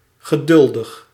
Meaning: patient (ability or willingness to accept or tolerate delays, problems, or suffering)
- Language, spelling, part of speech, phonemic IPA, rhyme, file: Dutch, geduldig, adjective, /ɣəˈdʏl.dəx/, -ʏldəx, Nl-geduldig.ogg